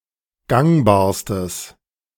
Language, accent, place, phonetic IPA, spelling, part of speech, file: German, Germany, Berlin, [ˈɡaŋbaːɐ̯stəs], gangbarstes, adjective, De-gangbarstes.ogg
- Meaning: strong/mixed nominative/accusative neuter singular superlative degree of gangbar